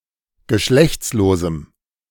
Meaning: strong dative masculine/neuter singular of geschlechtslos
- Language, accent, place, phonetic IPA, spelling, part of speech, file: German, Germany, Berlin, [ɡəˈʃlɛçt͡sloːzm̩], geschlechtslosem, adjective, De-geschlechtslosem.ogg